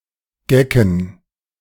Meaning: plural of Geck
- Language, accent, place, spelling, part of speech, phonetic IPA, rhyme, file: German, Germany, Berlin, Gecken, noun, [ˈɡɛkn̩], -ɛkn̩, De-Gecken.ogg